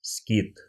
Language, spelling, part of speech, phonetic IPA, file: Russian, скит, noun, [skʲit], Ru-скит.ogg
- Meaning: 1. skete (in Eastern Christianity, a small hermitage at some distance from the main monastery) 2. remote monastery among Old Believers